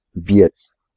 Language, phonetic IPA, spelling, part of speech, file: Polish, [bʲjɛt͡s], biec, verb, Pl-biec.ogg